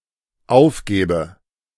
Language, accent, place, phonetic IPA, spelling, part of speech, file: German, Germany, Berlin, [ˈaʊ̯fˌɡɛːbə], aufgäbe, verb, De-aufgäbe.ogg
- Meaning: first/third-person singular dependent subjunctive II of aufgeben